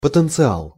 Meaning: 1. potential (currently unrealized ability) 2. potential
- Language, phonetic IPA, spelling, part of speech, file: Russian, [pətɨnt͡sɨˈaɫ], потенциал, noun, Ru-потенциал.ogg